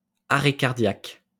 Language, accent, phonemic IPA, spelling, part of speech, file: French, France, /a.ʁɛ kaʁ.djak/, arrêt cardiaque, noun, LL-Q150 (fra)-arrêt cardiaque.wav
- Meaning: cardiac arrest